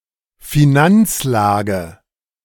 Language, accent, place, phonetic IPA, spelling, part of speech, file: German, Germany, Berlin, [fiˈnant͡sˌlaːɡə], Finanzlage, noun, De-Finanzlage.ogg
- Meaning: financial situation